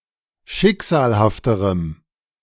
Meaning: strong dative masculine/neuter singular comparative degree of schicksalhaft
- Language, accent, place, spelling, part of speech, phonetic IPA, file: German, Germany, Berlin, schicksalhafterem, adjective, [ˈʃɪkz̥aːlhaftəʁəm], De-schicksalhafterem.ogg